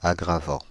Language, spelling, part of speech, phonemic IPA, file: French, aggravant, verb / adjective, /a.ɡʁa.vɑ̃/, Fr-aggravant.ogg
- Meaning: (verb) present participle of aggraver; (adjective) aggravating